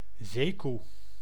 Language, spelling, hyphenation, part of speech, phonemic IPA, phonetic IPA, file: Dutch, zeekoe, zee‧koe, noun, /ˈzeː.ku/, [ˈsei̯.ku], Nl-zeekoe.ogg
- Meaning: 1. manatee, marine mannal of the order Sirenia 2. common hippopotamus (Hippopotamus amphibius) (now exclusively used when rendering Afrikaans seekoei)